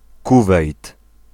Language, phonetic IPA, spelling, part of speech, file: Polish, [ˈkuvɛjt], Kuwejt, proper noun, Pl-Kuwejt.ogg